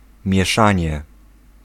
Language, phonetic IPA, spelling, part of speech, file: Polish, [mʲjɛˈʃãɲɛ], mieszanie, noun, Pl-mieszanie.ogg